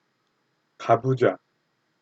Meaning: lotus position
- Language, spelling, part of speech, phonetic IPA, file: Korean, 가부좌, noun, [ka̠bud͡ʑwa̠], Ko-가부좌.ogg